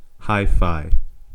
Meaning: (noun) 1. High fidelity 2. An electronic device used to play recorded sound, especially music; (adjective) modern, fashionable, hi-tech
- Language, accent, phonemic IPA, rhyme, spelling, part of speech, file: English, US, /ˌhaɪˈfaɪ/, -aɪfaɪ, hi-fi, noun / adjective, En-us-hifi.ogg